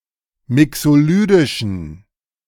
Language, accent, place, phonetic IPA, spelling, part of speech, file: German, Germany, Berlin, [ˈmɪksoˌlyːdɪʃn̩], mixolydischen, adjective, De-mixolydischen.ogg
- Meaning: inflection of mixolydisch: 1. strong genitive masculine/neuter singular 2. weak/mixed genitive/dative all-gender singular 3. strong/weak/mixed accusative masculine singular 4. strong dative plural